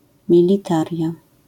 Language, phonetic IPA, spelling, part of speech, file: Polish, [ˌmʲilʲiˈtarʲja], militaria, noun, LL-Q809 (pol)-militaria.wav